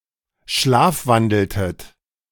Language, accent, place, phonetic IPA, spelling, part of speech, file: German, Germany, Berlin, [ˈʃlaːfˌvandl̩tət], schlafwandeltet, verb, De-schlafwandeltet.ogg
- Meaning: inflection of schlafwandeln: 1. second-person plural preterite 2. second-person plural subjunctive II